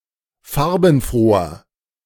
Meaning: 1. comparative degree of farbenfroh 2. inflection of farbenfroh: strong/mixed nominative masculine singular 3. inflection of farbenfroh: strong genitive/dative feminine singular
- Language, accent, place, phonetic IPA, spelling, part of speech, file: German, Germany, Berlin, [ˈfaʁbn̩ˌfʁoːɐ], farbenfroher, adjective, De-farbenfroher.ogg